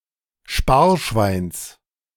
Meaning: genitive singular of Sparschwein
- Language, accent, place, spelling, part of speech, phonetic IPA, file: German, Germany, Berlin, Sparschweins, noun, [ˈʃpaːɐ̯ˌʃvaɪ̯ns], De-Sparschweins.ogg